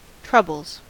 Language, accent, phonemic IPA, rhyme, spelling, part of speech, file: English, US, /ˈtɹʌbəlz/, -ʌbəlz, troubles, noun / verb, En-us-troubles.ogg
- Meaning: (noun) plural of trouble; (verb) third-person singular simple present indicative of trouble